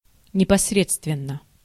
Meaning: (adverb) directly (in a straightforward way); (adjective) short neuter singular of непосре́дственный (neposrédstvennyj)
- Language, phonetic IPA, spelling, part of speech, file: Russian, [nʲɪpɐsˈrʲet͡stvʲɪn(ː)ə], непосредственно, adverb / adjective, Ru-непосредственно.ogg